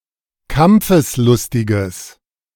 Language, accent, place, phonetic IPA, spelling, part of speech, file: German, Germany, Berlin, [ˈkamp͡fəsˌlʊstɪɡəs], kampfeslustiges, adjective, De-kampfeslustiges.ogg
- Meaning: strong/mixed nominative/accusative neuter singular of kampfeslustig